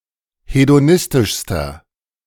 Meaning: inflection of hedonistisch: 1. strong/mixed nominative masculine singular superlative degree 2. strong genitive/dative feminine singular superlative degree 3. strong genitive plural superlative degree
- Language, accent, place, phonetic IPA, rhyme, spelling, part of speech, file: German, Germany, Berlin, [hedoˈnɪstɪʃstɐ], -ɪstɪʃstɐ, hedonistischster, adjective, De-hedonistischster.ogg